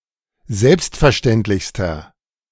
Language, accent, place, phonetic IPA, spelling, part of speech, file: German, Germany, Berlin, [ˈzɛlpstfɛɐ̯ˌʃtɛntlɪçstɐ], selbstverständlichster, adjective, De-selbstverständlichster.ogg
- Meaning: inflection of selbstverständlich: 1. strong/mixed nominative masculine singular superlative degree 2. strong genitive/dative feminine singular superlative degree